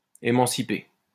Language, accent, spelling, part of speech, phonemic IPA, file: French, France, émanciper, verb, /e.mɑ̃.si.pe/, LL-Q150 (fra)-émanciper.wav
- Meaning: to emancipate